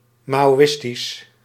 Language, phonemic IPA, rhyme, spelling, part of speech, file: Dutch, /ˌmaː.oːˈɪs.tis/, -ɪstis, maoïstisch, adjective, Nl-maoïstisch.ogg
- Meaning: Maoist